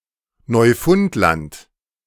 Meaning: Newfoundland (a large island of the coast of eastern Canada, part of the province of Newfoundland and Labrador)
- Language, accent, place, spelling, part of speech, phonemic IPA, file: German, Germany, Berlin, Neufundland, proper noun, /nɔʏ̯ˈfʊnt.lant/, De-Neufundland.ogg